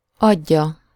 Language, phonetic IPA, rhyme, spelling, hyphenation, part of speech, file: Hungarian, [ˈɒɟːɒ], -ɟɒ, adja, ad‧ja, verb, Hu-adja.ogg
- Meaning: 1. third-person singular indicative present definite of ad 2. third-person singular subjunctive present definite of ad